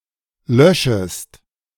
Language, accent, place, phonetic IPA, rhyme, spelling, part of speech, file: German, Germany, Berlin, [ˈlœʃəst], -œʃəst, löschest, verb, De-löschest.ogg
- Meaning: second-person singular subjunctive I of löschen